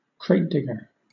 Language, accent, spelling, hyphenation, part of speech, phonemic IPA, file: English, Southern England, cratedigger, crate‧dig‧ger, noun, /ˈkɹeɪtdɪɡə/, LL-Q1860 (eng)-cratedigger.wav
- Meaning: A person who habitually looks through crates of vinyl records at music shops, especially in pursuit of interesting or rare records